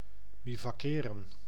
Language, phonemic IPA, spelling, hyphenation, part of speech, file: Dutch, /bivɑˈkeːrə(n)/, bivakkeren, bi‧vak‧ke‧ren, verb, Nl-bivakkeren.ogg
- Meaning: to bivouac